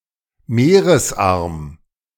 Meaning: estuary
- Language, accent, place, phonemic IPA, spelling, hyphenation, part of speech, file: German, Germany, Berlin, /ˈmeːʁəsˌʔaʁm/, Meeresarm, Mee‧res‧arm, noun, De-Meeresarm.ogg